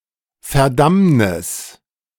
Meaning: damnation
- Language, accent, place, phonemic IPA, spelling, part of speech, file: German, Germany, Berlin, /fɛɐ̯ˈdamnɪs/, Verdammnis, noun, De-Verdammnis.ogg